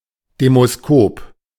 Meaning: opinion pollster
- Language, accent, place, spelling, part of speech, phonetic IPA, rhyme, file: German, Germany, Berlin, Demoskop, noun, [demoˈskoːp], -oːp, De-Demoskop.ogg